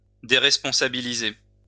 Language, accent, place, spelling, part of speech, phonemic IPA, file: French, France, Lyon, déresponsabiliser, verb, /de.ʁɛs.pɔ̃.sa.bi.li.ze/, LL-Q150 (fra)-déresponsabiliser.wav
- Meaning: to remove all sense of responsibility from someone, to make someone think that they have free rein